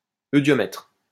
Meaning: eudiometer (tube for measuring volume of gases)
- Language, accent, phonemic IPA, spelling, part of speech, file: French, France, /ø.djɔ.mɛtʁ/, eudiomètre, noun, LL-Q150 (fra)-eudiomètre.wav